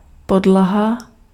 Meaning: floor
- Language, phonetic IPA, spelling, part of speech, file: Czech, [ˈpodlaɦa], podlaha, noun, Cs-podlaha.ogg